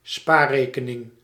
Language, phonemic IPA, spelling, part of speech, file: Dutch, /ˈspaːˌreːkənɪŋ/, spaarrekening, noun, Nl-spaarrekening.ogg
- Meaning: savings account